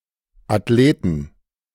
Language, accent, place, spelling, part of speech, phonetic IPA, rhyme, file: German, Germany, Berlin, Athleten, noun, [atˈleːtn̩], -eːtn̩, De-Athleten.ogg
- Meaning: plural of Athlet